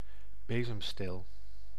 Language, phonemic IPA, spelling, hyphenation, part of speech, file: Dutch, /ˈbeː.zəmˌsteːl/, bezemsteel, be‧zem‧steel, noun, Nl-bezemsteel.ogg
- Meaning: broomstick